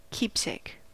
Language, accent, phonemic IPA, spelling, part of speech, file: English, US, /ˈkiːp.seɪk/, keepsake, noun, En-us-keepsake.ogg
- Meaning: An object given by a person and retained in memory of something or someone; something kept for sentimental or nostalgic reasons